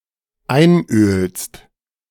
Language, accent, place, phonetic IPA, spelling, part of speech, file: German, Germany, Berlin, [ˈaɪ̯nˌʔøːlst], einölst, verb, De-einölst.ogg
- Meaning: second-person singular dependent present of einölen